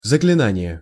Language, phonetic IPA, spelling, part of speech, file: Russian, [zəklʲɪˈnanʲɪje], заклинание, noun, Ru-заклинание.ogg
- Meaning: incantation, spell